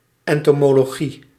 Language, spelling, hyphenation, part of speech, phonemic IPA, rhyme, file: Dutch, entomologie, en‧to‧mo‧lo‧gie, noun, /ˌɛn.toː.moː.loːˈɣi/, -i, Nl-entomologie.ogg
- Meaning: entomology